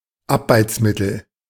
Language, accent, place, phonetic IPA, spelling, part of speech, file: German, Germany, Berlin, [ˈapbaɪ̯t͡sˌmɪtl̩], Abbeizmittel, noun, De-Abbeizmittel.ogg
- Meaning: paint remover, paint stripper